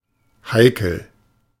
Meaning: 1. delicate (requiring careful handling) 2. picky, choosy
- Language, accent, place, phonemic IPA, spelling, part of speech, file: German, Germany, Berlin, /ˈhaɪ̯kəl/, heikel, adjective, De-heikel.ogg